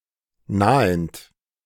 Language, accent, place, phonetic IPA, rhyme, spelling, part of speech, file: German, Germany, Berlin, [ˈnaːənt], -aːənt, nahend, verb, De-nahend.ogg
- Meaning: present participle of nahen